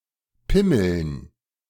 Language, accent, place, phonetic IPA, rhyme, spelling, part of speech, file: German, Germany, Berlin, [ˈpɪml̩n], -ɪml̩n, Pimmeln, noun, De-Pimmeln.ogg
- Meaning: dative plural of Pimmel